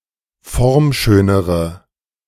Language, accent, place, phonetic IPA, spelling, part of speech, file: German, Germany, Berlin, [ˈfɔʁmˌʃøːnəʁə], formschönere, adjective, De-formschönere.ogg
- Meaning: inflection of formschön: 1. strong/mixed nominative/accusative feminine singular comparative degree 2. strong nominative/accusative plural comparative degree